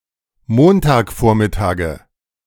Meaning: nominative/accusative/genitive plural of Montagvormittag
- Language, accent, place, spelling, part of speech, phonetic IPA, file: German, Germany, Berlin, Montagvormittage, noun, [ˈmontaːkˌfoːɐ̯mɪtaːɡə], De-Montagvormittage.ogg